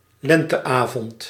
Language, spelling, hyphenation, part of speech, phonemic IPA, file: Dutch, lenteavond, len‧te‧avond, noun, /ˈlɛn.təˌaː.vɔnt/, Nl-lenteavond.ogg
- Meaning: spring evening, an evening in the springtime